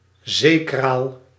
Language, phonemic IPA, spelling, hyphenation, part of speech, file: Dutch, /ˈzeː.kraːl/, zeekraal, zee‧kraal, noun, Nl-zeekraal.ogg
- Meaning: glasswort, pickleweed, plant of the genus Salicornia